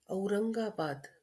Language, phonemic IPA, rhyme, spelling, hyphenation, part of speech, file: Marathi, /əu.ɾəŋ.ɡa.bad̪/, -ad̪, औरंगाबाद, औ‧रं‧गा‧बाद, proper noun, LL-Q1571 (mar)-औरंगाबाद.wav
- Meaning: 1. Aurangabad (a city in Maharashtra, India) 2. Aurangabad (a city in Bihar, India): a district of Bihar, India 3. Aurangabad (a city in Bihar, India): a Lok Sabha constituency in Bihar, India